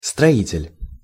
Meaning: 1. builder, constructor 2. construction worker
- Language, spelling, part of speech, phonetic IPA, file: Russian, строитель, noun, [strɐˈitʲɪlʲ], Ru-строитель.ogg